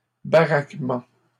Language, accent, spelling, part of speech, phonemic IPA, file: French, Canada, baraquement, noun, /ba.ʁak.mɑ̃/, LL-Q150 (fra)-baraquement.wav
- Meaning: 1. barracking (of troops) 2. barracks